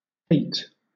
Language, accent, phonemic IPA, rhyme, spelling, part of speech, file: English, Southern England, /peɪt/, -eɪt, pate, noun, LL-Q1860 (eng)-pate.wav
- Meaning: 1. The head, particularly the top or crown 2. Wit, cleverness, cognitive abilities